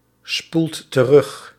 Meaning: inflection of terugspoelen: 1. second/third-person singular present indicative 2. plural imperative
- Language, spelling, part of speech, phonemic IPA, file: Dutch, spoelt terug, verb, /ˈspult t(ə)ˈrʏx/, Nl-spoelt terug.ogg